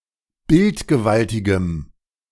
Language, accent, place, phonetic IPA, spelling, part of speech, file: German, Germany, Berlin, [ˈbɪltɡəˌvaltɪɡəm], bildgewaltigem, adjective, De-bildgewaltigem.ogg
- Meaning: strong dative masculine/neuter singular of bildgewaltig